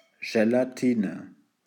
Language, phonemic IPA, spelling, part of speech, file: German, /ʒelaˈtiːnə/, Gelatine, noun, De-Gelatine.ogg
- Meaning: gelatine